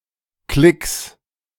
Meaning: plural of Klick
- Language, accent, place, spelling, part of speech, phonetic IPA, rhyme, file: German, Germany, Berlin, Klicks, noun, [klɪks], -ɪks, De-Klicks.ogg